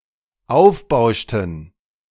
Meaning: inflection of aufbauschen: 1. first/third-person plural dependent preterite 2. first/third-person plural dependent subjunctive II
- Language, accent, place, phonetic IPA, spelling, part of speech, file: German, Germany, Berlin, [ˈaʊ̯fˌbaʊ̯ʃtn̩], aufbauschten, verb, De-aufbauschten.ogg